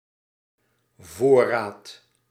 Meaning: 1. stock (inventory), provision 2. premeditation, counsel beforehand
- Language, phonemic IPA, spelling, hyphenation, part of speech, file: Dutch, /ˈvoːraːt/, voorraad, voor‧raad, noun, Nl-voorraad.ogg